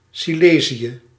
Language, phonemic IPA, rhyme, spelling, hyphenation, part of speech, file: Dutch, /ˌsiˈleː.zi.ə/, -eːziə, Silezië, Si‧le‧zië, proper noun, Nl-Silezië.ogg